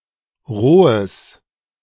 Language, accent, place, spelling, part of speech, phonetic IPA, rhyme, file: German, Germany, Berlin, rohes, adjective, [ˈʁoːəs], -oːəs, De-rohes.ogg
- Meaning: strong/mixed nominative/accusative neuter singular of roh